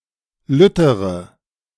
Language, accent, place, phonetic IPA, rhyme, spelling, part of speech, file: German, Germany, Berlin, [ˈlʏtəʁə], -ʏtəʁə, lüttere, adjective, De-lüttere.ogg
- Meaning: inflection of lütt: 1. strong/mixed nominative/accusative feminine singular comparative degree 2. strong nominative/accusative plural comparative degree